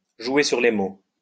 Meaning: to argue semantics, to play on semantics, to quibble, to deliberately misinterpret someone's words
- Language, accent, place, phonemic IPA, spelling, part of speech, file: French, France, Lyon, /ʒwe syʁ le mo/, jouer sur les mots, verb, LL-Q150 (fra)-jouer sur les mots.wav